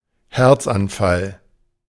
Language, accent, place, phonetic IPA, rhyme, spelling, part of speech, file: German, Germany, Berlin, [ˈhɛʁt͡sʔanˌfal], -ɛʁt͡sʔanfal, Herzanfall, noun, De-Herzanfall.ogg
- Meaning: heart attack